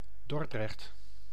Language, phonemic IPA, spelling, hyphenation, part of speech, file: Dutch, /ˈdɔr.drɛxt/, Dordrecht, Dor‧drecht, proper noun, Nl-Dordrecht.ogg
- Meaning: Dordrecht (a city, municipality, and island of South Holland, Netherlands)